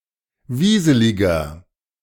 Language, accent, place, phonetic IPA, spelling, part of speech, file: German, Germany, Berlin, [ˈviːzəlɪɡɐ], wieseliger, adjective, De-wieseliger.ogg
- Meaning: 1. comparative degree of wieselig 2. inflection of wieselig: strong/mixed nominative masculine singular 3. inflection of wieselig: strong genitive/dative feminine singular